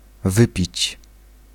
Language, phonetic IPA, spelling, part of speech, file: Polish, [ˈvɨpʲit͡ɕ], wypić, verb, Pl-wypić.ogg